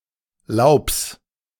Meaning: genitive singular of Laub
- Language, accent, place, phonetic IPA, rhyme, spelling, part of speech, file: German, Germany, Berlin, [laʊ̯ps], -aʊ̯ps, Laubs, noun, De-Laubs.ogg